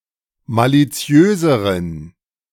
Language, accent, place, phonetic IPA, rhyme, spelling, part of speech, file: German, Germany, Berlin, [ˌmaliˈt͡si̯øːzəʁən], -øːzəʁən, maliziöseren, adjective, De-maliziöseren.ogg
- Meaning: inflection of maliziös: 1. strong genitive masculine/neuter singular comparative degree 2. weak/mixed genitive/dative all-gender singular comparative degree